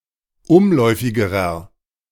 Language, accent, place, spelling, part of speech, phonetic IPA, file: German, Germany, Berlin, umläufigerer, adjective, [ˈʊmˌlɔɪ̯fɪɡəʁɐ], De-umläufigerer.ogg
- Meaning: inflection of umläufig: 1. strong/mixed nominative masculine singular comparative degree 2. strong genitive/dative feminine singular comparative degree 3. strong genitive plural comparative degree